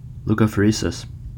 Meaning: A laboratory procedure where white blood cells are separated from a sample of blood
- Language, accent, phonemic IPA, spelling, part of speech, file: English, General American, /ˌluˈkʌfɜːriːsɪs/, leukapheresis, noun, En-us-leukapheresis.ogg